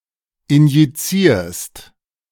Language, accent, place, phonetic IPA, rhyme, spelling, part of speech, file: German, Germany, Berlin, [ɪnjiˈt͡siːɐ̯st], -iːɐ̯st, injizierst, verb, De-injizierst.ogg
- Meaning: second-person singular present of injizieren